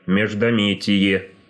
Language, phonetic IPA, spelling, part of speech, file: Russian, [mʲɪʐdɐˈmʲetʲɪje], междометие, noun, Ru-междометие.ogg
- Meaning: interjection